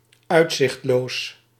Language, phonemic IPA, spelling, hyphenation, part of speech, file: Dutch, /ˈœy̯t.zɪxtˌloːs/, uitzichtloos, uit‧zicht‧loos, adjective, Nl-uitzichtloos.ogg
- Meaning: 1. hopeless 2. without any reasonable expectations for any improvement in a medical condition